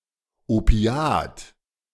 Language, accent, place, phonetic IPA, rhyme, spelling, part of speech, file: German, Germany, Berlin, [oˈpi̯aːt], -aːt, Opiat, noun, De-Opiat.ogg
- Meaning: opiate